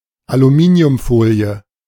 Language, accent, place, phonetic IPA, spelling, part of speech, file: German, Germany, Berlin, [aluˈmiːni̯ʊmˌfoːli̯ə], Aluminiumfolie, noun, De-Aluminiumfolie.ogg
- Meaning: aluminium foil